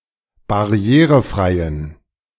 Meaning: inflection of barrierefrei: 1. strong genitive masculine/neuter singular 2. weak/mixed genitive/dative all-gender singular 3. strong/weak/mixed accusative masculine singular 4. strong dative plural
- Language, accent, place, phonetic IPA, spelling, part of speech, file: German, Germany, Berlin, [baˈʁi̯eːʁəˌfʁaɪ̯ən], barrierefreien, adjective, De-barrierefreien.ogg